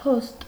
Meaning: post, mail
- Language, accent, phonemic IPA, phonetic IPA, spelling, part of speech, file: Armenian, Eastern Armenian, /pʰost/, [pʰost], փոստ, noun, Hy-փոստ.ogg